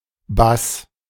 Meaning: 1. bass (low spectrum of sound) 2. bass (singer; section of musical group) 3. bass, double bass (stringed instrument)
- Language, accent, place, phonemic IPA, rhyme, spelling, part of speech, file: German, Germany, Berlin, /bas/, -as, Bass, noun, De-Bass.ogg